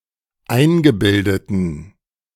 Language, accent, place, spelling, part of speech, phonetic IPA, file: German, Germany, Berlin, eingebildeten, adjective, [ˈaɪ̯nɡəˌbɪldətn̩], De-eingebildeten.ogg
- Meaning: inflection of eingebildet: 1. strong genitive masculine/neuter singular 2. weak/mixed genitive/dative all-gender singular 3. strong/weak/mixed accusative masculine singular 4. strong dative plural